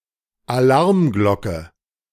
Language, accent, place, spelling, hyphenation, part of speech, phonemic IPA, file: German, Germany, Berlin, Alarmglocke, Alarm‧glocke, noun, /aˈlaʁmˌɡlɔkə/, De-Alarmglocke.ogg
- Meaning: alarm bell, warning bell, tocsin